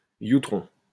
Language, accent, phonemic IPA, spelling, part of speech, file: French, France, /ju.tʁɔ̃/, youtron, noun, LL-Q150 (fra)-youtron.wav
- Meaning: synonym of youpin